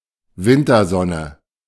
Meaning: winter sun, winter sunshine
- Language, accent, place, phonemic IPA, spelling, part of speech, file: German, Germany, Berlin, /ˈvɪntɐˌzɔnə/, Wintersonne, noun, De-Wintersonne.ogg